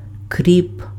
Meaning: dill (Anethum graveolens)
- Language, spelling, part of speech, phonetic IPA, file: Ukrainian, кріп, noun, [krʲip], Uk-кріп.ogg